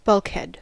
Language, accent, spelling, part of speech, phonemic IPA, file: English, US, bulkhead, noun, /ˈbʌlk.hɛd/, En-us-bulkhead.ogg
- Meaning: A vertical partition dividing the hull into separate compartments; often made watertight to prevent excessive flooding if the ship's hull is breached